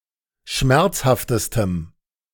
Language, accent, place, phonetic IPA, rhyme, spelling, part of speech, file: German, Germany, Berlin, [ˈʃmɛʁt͡shaftəstəm], -ɛʁt͡shaftəstəm, schmerzhaftestem, adjective, De-schmerzhaftestem.ogg
- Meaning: strong dative masculine/neuter singular superlative degree of schmerzhaft